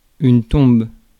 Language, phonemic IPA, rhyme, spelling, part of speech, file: French, /tɔ̃b/, -ɔ̃b, tombe, noun, Fr-tombe.ogg
- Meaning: 1. grave 2. tomb (small building or vault)